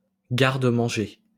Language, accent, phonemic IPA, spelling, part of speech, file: French, France, /ɡaʁ.d(ə).mɑ̃.ʒe/, garde-manger, noun, LL-Q150 (fra)-garde-manger.wav
- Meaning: pantry, larder